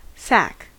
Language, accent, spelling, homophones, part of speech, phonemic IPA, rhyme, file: English, US, sack, sac / SAC, noun / verb, /sæk/, -æk, En-us-sack.ogg